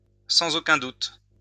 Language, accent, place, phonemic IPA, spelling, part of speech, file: French, France, Lyon, /sɑ̃.z‿o.kœ̃ dut/, sans aucun doute, adverb, LL-Q150 (fra)-sans aucun doute.wav
- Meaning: undoubtedly (without any doubt)